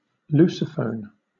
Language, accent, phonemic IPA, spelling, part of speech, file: English, Southern England, /ˈluːsəˌfəʊn/, Lusophone, adjective / noun, LL-Q1860 (eng)-Lusophone.wav
- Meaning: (adjective) Portuguese-speaking; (noun) A Portuguese speaker